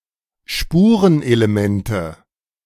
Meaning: nominative/accusative/genitive plural of Spurenelement
- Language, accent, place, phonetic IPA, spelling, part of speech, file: German, Germany, Berlin, [ˈʃpuːʁənʔeleˈmɛntə], Spurenelemente, noun, De-Spurenelemente.ogg